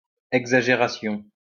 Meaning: exaggeration
- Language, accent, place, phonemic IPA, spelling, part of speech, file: French, France, Lyon, /ɛɡ.za.ʒe.ʁa.sjɔ̃/, exagération, noun, LL-Q150 (fra)-exagération.wav